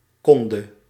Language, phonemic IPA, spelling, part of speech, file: Dutch, /ˈkɔndə/, konde, verb, Nl-konde.ogg
- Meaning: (verb) 1. singular past subjunctive of kunnen 2. obsolete form of kon (singular past indicative); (noun) obsolete form of kunde